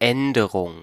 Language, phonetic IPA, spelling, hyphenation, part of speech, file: German, [ˈɛndəʁʊŋ], Änderung, Än‧de‧rung, noun, De-Änderung.ogg
- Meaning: change, modification